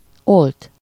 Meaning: 1. to extinguish, to put out 2. to switch off 3. to quench 4. to curdle 5. to slake (lime, compound of calcium)
- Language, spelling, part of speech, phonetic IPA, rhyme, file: Hungarian, olt, verb, [ˈolt], -olt, Hu-olt.ogg